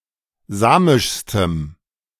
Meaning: strong dative masculine/neuter singular superlative degree of samisch
- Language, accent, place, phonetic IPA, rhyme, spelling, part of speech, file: German, Germany, Berlin, [ˈzaːmɪʃstəm], -aːmɪʃstəm, samischstem, adjective, De-samischstem.ogg